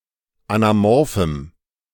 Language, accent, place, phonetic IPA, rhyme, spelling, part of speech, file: German, Germany, Berlin, [anaˈmɔʁfm̩], -ɔʁfm̩, anamorphem, adjective, De-anamorphem.ogg
- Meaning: strong dative masculine/neuter singular of anamorph